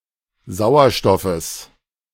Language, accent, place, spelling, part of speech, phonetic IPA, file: German, Germany, Berlin, Sauerstoffes, noun, [ˈzaʊ̯ɐˌʃtɔfəs], De-Sauerstoffes.ogg
- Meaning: genitive singular of Sauerstoff